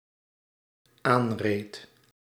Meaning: singular dependent-clause past indicative of aanrijden
- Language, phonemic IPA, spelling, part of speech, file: Dutch, /ˈanred/, aanreed, verb, Nl-aanreed.ogg